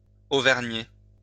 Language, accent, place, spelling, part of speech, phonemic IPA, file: French, France, Lyon, auvergner, verb, /o.vɛʁ.ɲe/, LL-Q150 (fra)-auvergner.wav
- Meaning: to acquire a fake tan